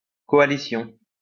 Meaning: coalition
- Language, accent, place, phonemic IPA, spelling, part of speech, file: French, France, Lyon, /kɔ.a.li.sjɔ̃/, coalition, noun, LL-Q150 (fra)-coalition.wav